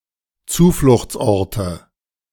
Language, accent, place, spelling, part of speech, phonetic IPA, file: German, Germany, Berlin, Zufluchtsorte, noun, [ˈt͡suːflʊxt͡sˌʔɔʁtə], De-Zufluchtsorte.ogg
- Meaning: nominative/accusative/genitive plural of Zufluchtsort